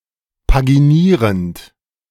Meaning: present participle of paginieren
- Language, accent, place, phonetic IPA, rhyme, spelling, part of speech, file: German, Germany, Berlin, [paɡiˈniːʁənt], -iːʁənt, paginierend, verb, De-paginierend.ogg